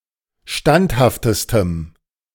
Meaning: strong dative masculine/neuter singular superlative degree of standhaft
- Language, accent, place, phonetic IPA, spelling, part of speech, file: German, Germany, Berlin, [ˈʃtanthaftəstəm], standhaftestem, adjective, De-standhaftestem.ogg